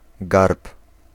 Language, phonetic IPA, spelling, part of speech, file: Polish, [ɡarp], garb, noun / verb, Pl-garb.ogg